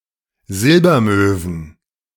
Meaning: plural of Silbermöwe
- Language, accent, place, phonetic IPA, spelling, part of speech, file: German, Germany, Berlin, [ˈzɪlbɐˌmøːvn̩], Silbermöwen, noun, De-Silbermöwen.ogg